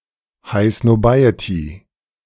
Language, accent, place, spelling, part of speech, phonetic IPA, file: German, Germany, Berlin, High Snobiety, noun, [ˈhaɪ̯ snɔˈbaɪ̯əti], De-High Snobiety.ogg
- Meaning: High society, posh people, especially those with snobbish attitudes